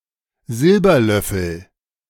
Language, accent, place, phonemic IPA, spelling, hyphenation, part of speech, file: German, Germany, Berlin, /ˈzɪlbɐˌlœfl̩/, Silberlöffel, Sil‧ber‧löf‧fel, noun, De-Silberlöffel.ogg
- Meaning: silver spoon